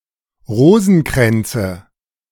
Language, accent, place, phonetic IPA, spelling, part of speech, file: German, Germany, Berlin, [ˈʁoːzn̩ˌkʁɛnt͡sə], Rosenkränze, noun, De-Rosenkränze.ogg
- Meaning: nominative/accusative/genitive plural of Rosenkranz